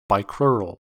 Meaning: having two legs
- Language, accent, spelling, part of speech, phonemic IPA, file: English, US, bicrural, adjective, /ˌbaɪˈkɹʊɹ.əl/, En-us-bicrural.ogg